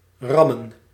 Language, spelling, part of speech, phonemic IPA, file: Dutch, rammen, verb / noun, /ˈrɑmə(n)/, Nl-rammen.ogg
- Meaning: 1. to ram, to intentionally collide with (a ship or car or building) with the intention of damaging or sinking it 2. to strike (something) hard